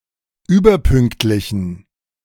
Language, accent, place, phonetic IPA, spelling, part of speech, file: German, Germany, Berlin, [ˈyːbɐˌpʏŋktlɪçn̩], überpünktlichen, adjective, De-überpünktlichen.ogg
- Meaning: inflection of überpünktlich: 1. strong genitive masculine/neuter singular 2. weak/mixed genitive/dative all-gender singular 3. strong/weak/mixed accusative masculine singular 4. strong dative plural